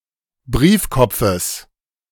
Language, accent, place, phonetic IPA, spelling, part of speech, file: German, Germany, Berlin, [ˈbʁiːfˌkɔp͡fəs], Briefkopfes, noun, De-Briefkopfes.ogg
- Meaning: genitive singular of Briefkopf